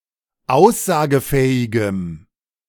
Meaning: strong dative masculine/neuter singular of aussagefähig
- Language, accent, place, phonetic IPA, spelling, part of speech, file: German, Germany, Berlin, [ˈaʊ̯szaːɡəˌfɛːɪɡəm], aussagefähigem, adjective, De-aussagefähigem.ogg